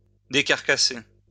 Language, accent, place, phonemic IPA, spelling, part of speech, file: French, France, Lyon, /de.kaʁ.ka.se/, décarcasser, verb, LL-Q150 (fra)-décarcasser.wav
- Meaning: 1. to open up the carcass of an animal or to remove the cover of an object 2. to go through much trouble, to bend over backwards